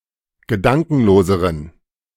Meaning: inflection of gedankenlos: 1. strong genitive masculine/neuter singular comparative degree 2. weak/mixed genitive/dative all-gender singular comparative degree
- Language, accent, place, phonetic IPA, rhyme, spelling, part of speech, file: German, Germany, Berlin, [ɡəˈdaŋkn̩loːzəʁən], -aŋkn̩loːzəʁən, gedankenloseren, adjective, De-gedankenloseren.ogg